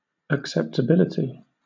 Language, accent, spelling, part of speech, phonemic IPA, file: English, Southern England, acceptability, noun, /ˌækˌsɛp.təˈbɪl.ɪ.ti/, LL-Q1860 (eng)-acceptability.wav
- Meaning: The quality of being acceptable; acceptableness